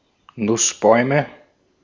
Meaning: nominative/accusative/genitive plural of Nussbaum
- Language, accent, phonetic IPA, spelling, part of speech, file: German, Austria, [ˈnʊsˌbɔɪ̯mə], Nussbäume, noun, De-at-Nussbäume.ogg